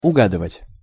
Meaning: to guess (right)
- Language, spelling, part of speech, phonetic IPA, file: Russian, угадывать, verb, [ʊˈɡadɨvətʲ], Ru-угадывать.ogg